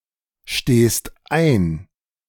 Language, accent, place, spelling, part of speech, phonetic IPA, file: German, Germany, Berlin, stehst ein, verb, [ˌʃteːst ˈaɪ̯n], De-stehst ein.ogg
- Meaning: second-person singular present of einstehen